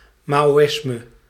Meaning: Maoism
- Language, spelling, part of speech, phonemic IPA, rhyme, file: Dutch, maoïsme, noun, /ˌmaː.oːˈɪs.mə/, -ɪsmə, Nl-maoïsme.ogg